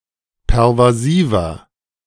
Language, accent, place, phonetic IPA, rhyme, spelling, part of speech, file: German, Germany, Berlin, [pɛʁvaˈziːvɐ], -iːvɐ, pervasiver, adjective, De-pervasiver.ogg
- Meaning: 1. comparative degree of pervasiv 2. inflection of pervasiv: strong/mixed nominative masculine singular 3. inflection of pervasiv: strong genitive/dative feminine singular